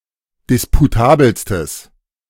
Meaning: strong/mixed nominative/accusative neuter singular superlative degree of disputabel
- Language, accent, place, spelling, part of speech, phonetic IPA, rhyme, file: German, Germany, Berlin, disputabelstes, adjective, [ˌdɪspuˈtaːbl̩stəs], -aːbl̩stəs, De-disputabelstes.ogg